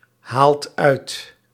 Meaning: inflection of uithalen: 1. second/third-person singular present indicative 2. plural imperative
- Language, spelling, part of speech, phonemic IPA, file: Dutch, haalt uit, verb, /ˈhalt ˈœyt/, Nl-haalt uit.ogg